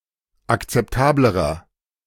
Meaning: inflection of akzeptabel: 1. strong/mixed nominative masculine singular comparative degree 2. strong genitive/dative feminine singular comparative degree 3. strong genitive plural comparative degree
- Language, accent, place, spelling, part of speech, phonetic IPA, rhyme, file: German, Germany, Berlin, akzeptablerer, adjective, [akt͡sɛpˈtaːbləʁɐ], -aːbləʁɐ, De-akzeptablerer.ogg